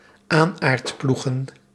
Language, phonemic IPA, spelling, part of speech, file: Dutch, /ˈanartˌpluxə(n)/, aanaardploegen, noun, Nl-aanaardploegen.ogg
- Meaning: plural of aanaardploeg